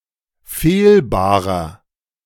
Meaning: 1. comparative degree of fehlbar 2. inflection of fehlbar: strong/mixed nominative masculine singular 3. inflection of fehlbar: strong genitive/dative feminine singular
- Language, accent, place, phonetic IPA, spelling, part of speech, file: German, Germany, Berlin, [ˈfeːlˌbaːʁɐ], fehlbarer, adjective, De-fehlbarer.ogg